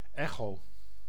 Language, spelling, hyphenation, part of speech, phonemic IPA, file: Dutch, echo, echo, noun / verb, /ˈɛ.xoː/, Nl-echo.ogg
- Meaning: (noun) 1. echo 2. ultrasound scan; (verb) inflection of echoën: 1. first-person singular present indicative 2. second-person singular present indicative 3. imperative